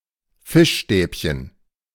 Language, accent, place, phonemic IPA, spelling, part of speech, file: German, Germany, Berlin, /ˈfɪʃˌʃtɛːpçən/, Fischstäbchen, noun, De-Fischstäbchen.ogg
- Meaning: fish finger, fish stick